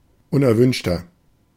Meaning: 1. comparative degree of unerwünscht 2. inflection of unerwünscht: strong/mixed nominative masculine singular 3. inflection of unerwünscht: strong genitive/dative feminine singular
- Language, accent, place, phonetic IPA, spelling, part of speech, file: German, Germany, Berlin, [ˈʊnʔɛɐ̯ˌvʏnʃtɐ], unerwünschter, adjective, De-unerwünschter.ogg